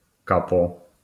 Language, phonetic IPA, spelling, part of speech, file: Polish, [ˈkapɔ], kapo, noun, LL-Q809 (pol)-kapo.wav